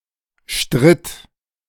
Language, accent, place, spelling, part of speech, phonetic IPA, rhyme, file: German, Germany, Berlin, stritt, verb, [ʃtʁɪt], -ɪt, De-stritt.ogg
- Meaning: first/third-person singular preterite of streiten